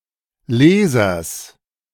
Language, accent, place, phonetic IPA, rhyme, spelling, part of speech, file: German, Germany, Berlin, [ˈleːzɐs], -eːzɐs, Lesers, noun, De-Lesers.ogg
- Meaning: genitive singular of Leser